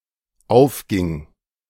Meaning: first/third-person singular dependent preterite of aufgehen
- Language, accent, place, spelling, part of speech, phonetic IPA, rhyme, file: German, Germany, Berlin, aufging, verb, [ˈaʊ̯fˌɡɪŋ], -aʊ̯fɡɪŋ, De-aufging.ogg